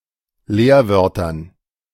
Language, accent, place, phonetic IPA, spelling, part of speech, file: German, Germany, Berlin, [ˈleːɐ̯ˌvœʁtɐn], Leerwörtern, noun, De-Leerwörtern.ogg
- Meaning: dative plural of Leerwort